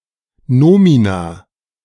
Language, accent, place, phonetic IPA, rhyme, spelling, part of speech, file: German, Germany, Berlin, [ˈnoːmina], -oːmina, Nomina, noun, De-Nomina.ogg
- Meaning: plural of Nomen